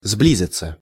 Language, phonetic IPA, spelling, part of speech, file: Russian, [ˈzblʲizʲɪt͡sə], сблизиться, verb, Ru-сблизиться.ogg
- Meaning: 1. to approach (each other) 2. to approach, to close in 3. to draw closer together 4. to become good/close friends (with) 5. passive of сбли́зить (sblízitʹ)